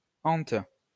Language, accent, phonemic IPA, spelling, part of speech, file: French, France, /ɑ̃t/, ente, verb / noun, LL-Q150 (fra)-ente.wav
- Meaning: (verb) inflection of enter: 1. first/third-person singular present indicative/subjunctive 2. second-person singular imperative; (noun) verbal noun of enter